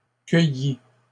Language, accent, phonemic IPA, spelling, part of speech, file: French, Canada, /kœ.ji/, cueilli, verb, LL-Q150 (fra)-cueilli.wav
- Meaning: past participle of cueillir